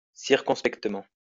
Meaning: circumspectly, cautiously, prudently
- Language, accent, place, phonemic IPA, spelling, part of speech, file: French, France, Lyon, /siʁ.kɔ̃s.pɛk.tə.mɑ̃/, circonspectement, adverb, LL-Q150 (fra)-circonspectement.wav